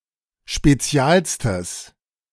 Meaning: strong/mixed nominative/accusative neuter singular superlative degree of spezial
- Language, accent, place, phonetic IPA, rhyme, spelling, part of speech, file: German, Germany, Berlin, [ʃpeˈt͡si̯aːlstəs], -aːlstəs, spezialstes, adjective, De-spezialstes.ogg